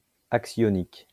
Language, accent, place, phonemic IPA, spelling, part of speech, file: French, France, Lyon, /ak.sjɔ.nik/, axionique, adjective, LL-Q150 (fra)-axionique.wav
- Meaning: axionic